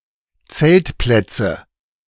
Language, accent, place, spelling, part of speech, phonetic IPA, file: German, Germany, Berlin, Zeltplätze, noun, [ˈt͡sɛltˌplɛt͡sə], De-Zeltplätze.ogg
- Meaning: nominative/accusative/genitive plural of Zeltplatz